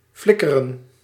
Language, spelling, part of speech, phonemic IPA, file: Dutch, flikkeren, verb, /ˈflɪkərə(n)/, Nl-flikkeren.ogg
- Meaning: 1. to flicker, to waver unsteadily 2. to fall 3. to throw, usually carelessly